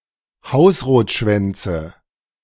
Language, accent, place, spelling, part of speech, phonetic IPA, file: German, Germany, Berlin, Hausrotschwänze, noun, [ˈhaʊ̯sʁoːtˌʃvɛnt͡sə], De-Hausrotschwänze.ogg
- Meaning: nominative/accusative/genitive plural of Hausrotschwanz